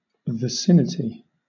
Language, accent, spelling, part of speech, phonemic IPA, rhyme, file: English, Southern England, vicinity, noun, /vɪˈsɪnɪti/, -ɪnɪti, LL-Q1860 (eng)-vicinity.wav
- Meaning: 1. Proximity; the state of being near 2. Neighbourhood; nearby region; surrounding area 3. Approximate size or amount